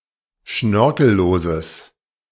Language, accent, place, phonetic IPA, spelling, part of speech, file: German, Germany, Berlin, [ˈʃnœʁkl̩ˌloːzəs], schnörkelloses, adjective, De-schnörkelloses.ogg
- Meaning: strong/mixed nominative/accusative neuter singular of schnörkellos